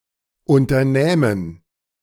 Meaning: first-person plural subjunctive II of unternehmen
- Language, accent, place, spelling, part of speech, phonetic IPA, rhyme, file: German, Germany, Berlin, unternähmen, verb, [ˌʊntɐˈnɛːmən], -ɛːmən, De-unternähmen.ogg